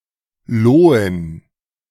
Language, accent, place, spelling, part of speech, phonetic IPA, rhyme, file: German, Germany, Berlin, Lohen, noun, [ˈloːən], -oːən, De-Lohen.ogg
- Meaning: plural of Lohe